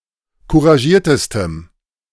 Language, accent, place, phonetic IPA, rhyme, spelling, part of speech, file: German, Germany, Berlin, [kuʁaˈʒiːɐ̯təstəm], -iːɐ̯təstəm, couragiertestem, adjective, De-couragiertestem.ogg
- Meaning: strong dative masculine/neuter singular superlative degree of couragiert